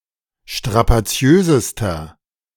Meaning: inflection of strapaziös: 1. strong/mixed nominative masculine singular superlative degree 2. strong genitive/dative feminine singular superlative degree 3. strong genitive plural superlative degree
- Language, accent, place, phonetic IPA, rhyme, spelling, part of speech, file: German, Germany, Berlin, [ʃtʁapaˈt͡si̯øːzəstɐ], -øːzəstɐ, strapaziösester, adjective, De-strapaziösester.ogg